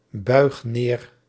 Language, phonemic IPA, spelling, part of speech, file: Dutch, /ˈbœyx ˈner/, buig neer, verb, Nl-buig neer.ogg
- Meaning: inflection of neerbuigen: 1. first-person singular present indicative 2. second-person singular present indicative 3. imperative